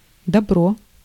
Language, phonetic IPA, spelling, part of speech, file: Russian, [dɐˈbro], добро, noun, Ru-добро.ogg